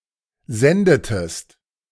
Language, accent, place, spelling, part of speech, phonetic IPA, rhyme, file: German, Germany, Berlin, sendetest, verb, [ˈzɛndətəst], -ɛndətəst, De-sendetest.ogg
- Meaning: inflection of senden: 1. second-person singular preterite 2. second-person singular subjunctive II